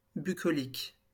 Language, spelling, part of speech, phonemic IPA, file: French, bucolique, adjective, /by.kɔ.lik/, LL-Q150 (fra)-bucolique.wav
- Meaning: bucolic, rustic